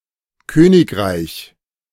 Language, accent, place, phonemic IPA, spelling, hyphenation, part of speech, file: German, Germany, Berlin, /ˈkøːnɪkˌʁai̯ç/, Königreich, Kö‧nig‧reich, noun, De-Königreich.ogg
- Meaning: kingdom